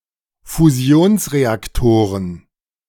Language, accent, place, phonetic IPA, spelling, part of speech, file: German, Germany, Berlin, [fuˈzi̯oːnsʁeakˌtoːʁən], Fusionsreaktoren, noun, De-Fusionsreaktoren.ogg
- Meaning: plural of Fusionsreaktor